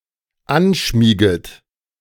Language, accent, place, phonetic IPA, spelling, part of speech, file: German, Germany, Berlin, [ˈanˌʃmiːɡət], anschmieget, verb, De-anschmieget.ogg
- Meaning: second-person plural dependent subjunctive I of anschmiegen